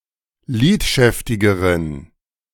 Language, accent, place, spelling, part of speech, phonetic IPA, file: German, Germany, Berlin, lidschäftigeren, adjective, [ˈliːtˌʃɛftɪɡəʁən], De-lidschäftigeren.ogg
- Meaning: inflection of lidschäftig: 1. strong genitive masculine/neuter singular comparative degree 2. weak/mixed genitive/dative all-gender singular comparative degree